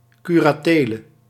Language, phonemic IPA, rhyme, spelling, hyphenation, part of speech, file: Dutch, /ˌky.raːˈteː.lə/, -eːlə, curatele, cu‧ra‧te‧le, noun, Nl-curatele.ogg
- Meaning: curatorship